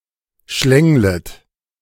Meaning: second-person plural subjunctive I of schlängeln
- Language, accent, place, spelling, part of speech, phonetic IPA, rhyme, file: German, Germany, Berlin, schlänglet, verb, [ˈʃlɛŋlət], -ɛŋlət, De-schlänglet.ogg